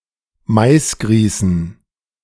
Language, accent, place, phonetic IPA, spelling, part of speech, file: German, Germany, Berlin, [ˈmaɪ̯sˌɡʁiːsn̩], Maisgrießen, noun, De-Maisgrießen.ogg
- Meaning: dative plural of Maisgrieß